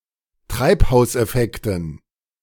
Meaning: dative plural of Treibhauseffekt
- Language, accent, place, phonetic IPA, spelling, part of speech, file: German, Germany, Berlin, [ˈtʁaɪ̯phaʊ̯sʔɛˌfɛktn̩], Treibhauseffekten, noun, De-Treibhauseffekten.ogg